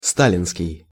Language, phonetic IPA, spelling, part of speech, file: Russian, [ˈstalʲɪnskʲɪj], сталинский, adjective, Ru-сталинский.ogg
- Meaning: 1. Stalin, Stalin's (of, relating to, or honoring Joseph Stalin) 2. Stalin-era, Stalinist (relating to or resembling the Soviet Union in 1929–1953) 3. Stalino, Stalinsk